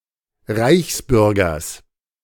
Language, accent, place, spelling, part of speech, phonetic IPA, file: German, Germany, Berlin, Reichsbürgers, noun, [ˈʁaɪ̯çsˌbʏʁɡɐs], De-Reichsbürgers.ogg
- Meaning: genitive of Reichsbürger